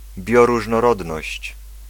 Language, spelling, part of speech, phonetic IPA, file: Polish, bioróżnorodność, noun, [ˌbʲjɔruʒnɔˈrɔdnɔɕt͡ɕ], Pl-bioróżnorodność.ogg